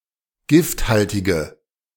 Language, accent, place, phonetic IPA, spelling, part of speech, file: German, Germany, Berlin, [ˈɡɪftˌhaltɪɡə], gifthaltige, adjective, De-gifthaltige.ogg
- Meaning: inflection of gifthaltig: 1. strong/mixed nominative/accusative feminine singular 2. strong nominative/accusative plural 3. weak nominative all-gender singular